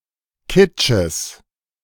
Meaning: genitive singular of Kitsch
- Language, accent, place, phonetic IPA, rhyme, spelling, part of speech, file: German, Germany, Berlin, [ˈkɪt͡ʃəs], -ɪt͡ʃəs, Kitsches, noun, De-Kitsches.ogg